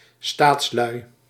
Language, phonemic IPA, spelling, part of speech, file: Dutch, /ˈstatslœy/, staatslui, noun, Nl-staatslui.ogg
- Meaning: plural of staatsman